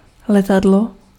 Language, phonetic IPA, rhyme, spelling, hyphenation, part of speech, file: Czech, [ˈlɛtadlo], -adlo, letadlo, le‧ta‧d‧lo, noun, Cs-letadlo.ogg
- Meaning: aircraft, airplane (US), aeroplane (UK)